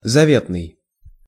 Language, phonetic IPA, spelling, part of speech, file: Russian, [zɐˈvʲetnɨj], заветный, adjective, Ru-заветный.ogg
- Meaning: 1. cherished, lifelong, fondest (dream, desire) 2. hidden, secret